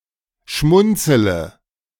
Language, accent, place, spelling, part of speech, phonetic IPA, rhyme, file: German, Germany, Berlin, schmunzele, verb, [ˈʃmʊnt͡sələ], -ʊnt͡sələ, De-schmunzele.ogg
- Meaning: inflection of schmunzeln: 1. first-person singular present 2. first-person plural subjunctive I 3. third-person singular subjunctive I 4. singular imperative